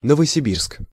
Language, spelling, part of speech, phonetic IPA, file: Russian, Новосибирск, proper noun, [nəvəsʲɪˈbʲirsk], Ru-Новосибирск.ogg
- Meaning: Novosibirsk (a city, the administrative center of Novosibirsk Oblast, Russia)